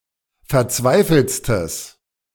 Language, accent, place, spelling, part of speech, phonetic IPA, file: German, Germany, Berlin, verzweifeltstes, adjective, [fɛɐ̯ˈt͡svaɪ̯fl̩t͡stəs], De-verzweifeltstes.ogg
- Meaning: strong/mixed nominative/accusative neuter singular superlative degree of verzweifelt